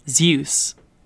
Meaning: 1. The supreme Deity and ruler of all Hellenic gods in Hellenism, husband to Hera 2. A male given name 3. A representative given name for a dog
- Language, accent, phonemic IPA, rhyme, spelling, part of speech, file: English, Received Pronunciation, /zjuːs/, -uːs, Zeus, proper noun, En-uk-zeus.ogg